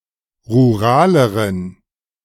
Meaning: inflection of rural: 1. strong genitive masculine/neuter singular comparative degree 2. weak/mixed genitive/dative all-gender singular comparative degree
- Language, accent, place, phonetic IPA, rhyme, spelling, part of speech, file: German, Germany, Berlin, [ʁuˈʁaːləʁən], -aːləʁən, ruraleren, adjective, De-ruraleren.ogg